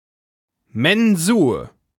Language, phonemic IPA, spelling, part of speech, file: German, /mɛnˈzuːɐ̯/, Mensur, noun, De-Mensur.ogg
- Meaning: 1. academic fencing (fencing practiced by some student corporations) 2. mensur (measurement of the length of the vibrating string from the nut to the bridge) 3. graduated cylinder